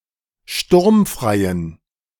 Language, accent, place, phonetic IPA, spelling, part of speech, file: German, Germany, Berlin, [ˈʃtʊʁmfʁaɪ̯ən], sturmfreien, adjective, De-sturmfreien.ogg
- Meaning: inflection of sturmfrei: 1. strong genitive masculine/neuter singular 2. weak/mixed genitive/dative all-gender singular 3. strong/weak/mixed accusative masculine singular 4. strong dative plural